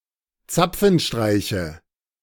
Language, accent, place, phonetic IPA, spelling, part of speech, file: German, Germany, Berlin, [ˈt͡sap͡fn̩ˌʃtʁaɪ̯çə], Zapfenstreiche, noun, De-Zapfenstreiche.ogg
- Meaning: nominative/accusative/genitive plural of Zapfenstreich